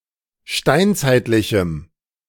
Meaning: strong dative masculine/neuter singular of steinzeitlich
- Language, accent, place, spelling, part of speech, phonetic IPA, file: German, Germany, Berlin, steinzeitlichem, adjective, [ˈʃtaɪ̯nt͡saɪ̯tlɪçm̩], De-steinzeitlichem.ogg